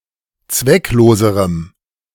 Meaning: strong dative masculine/neuter singular comparative degree of zwecklos
- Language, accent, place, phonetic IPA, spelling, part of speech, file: German, Germany, Berlin, [ˈt͡svɛkˌloːzəʁəm], zweckloserem, adjective, De-zweckloserem.ogg